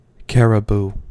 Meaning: Any of several North American subspecies Rangifer tarandus of the reindeer
- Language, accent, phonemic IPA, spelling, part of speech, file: English, US, /ˈkæɹəbu/, caribou, noun, En-us-caribou.ogg